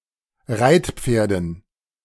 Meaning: dative plural of Reitpferd
- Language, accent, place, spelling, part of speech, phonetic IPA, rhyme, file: German, Germany, Berlin, Reitpferden, noun, [ˈʁaɪ̯tˌp͡feːɐ̯dn̩], -aɪ̯tp͡feːɐ̯dn̩, De-Reitpferden.ogg